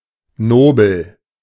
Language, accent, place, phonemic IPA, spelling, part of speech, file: German, Germany, Berlin, /ˈnoːbəl/, nobel, adjective, De-nobel.ogg
- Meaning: noble, honourable